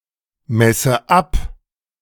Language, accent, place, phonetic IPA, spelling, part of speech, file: German, Germany, Berlin, [ˌmɛsə ˈap], messe ab, verb, De-messe ab.ogg
- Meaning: inflection of abmessen: 1. first-person singular present 2. first/third-person singular subjunctive I